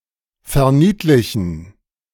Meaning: to belittle
- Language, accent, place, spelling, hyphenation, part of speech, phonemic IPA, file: German, Germany, Berlin, verniedlichen, ver‧nied‧li‧chen, verb, /fɛɐ̯ˈniːtlɪçn̩/, De-verniedlichen.ogg